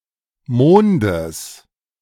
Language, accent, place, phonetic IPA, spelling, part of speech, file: German, Germany, Berlin, [ˈmoːndəs], Mondes, noun, De-Mondes.ogg
- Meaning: genitive singular of Mond